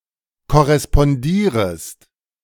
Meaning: second-person singular subjunctive I of korrespondieren
- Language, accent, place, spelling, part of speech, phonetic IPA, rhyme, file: German, Germany, Berlin, korrespondierest, verb, [kɔʁɛspɔnˈdiːʁəst], -iːʁəst, De-korrespondierest.ogg